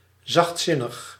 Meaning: gentle, softhearted
- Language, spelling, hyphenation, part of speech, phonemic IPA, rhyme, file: Dutch, zachtzinnig, zacht‧zin‧nig, adjective, /ˌzɑxtˈsɪ.nəx/, -ɪnəx, Nl-zachtzinnig.ogg